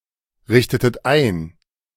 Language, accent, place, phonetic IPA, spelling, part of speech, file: German, Germany, Berlin, [ˌʁɪçtətət ˈaɪ̯n], richtetet ein, verb, De-richtetet ein.ogg
- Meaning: inflection of einrichten: 1. second-person plural preterite 2. second-person plural subjunctive II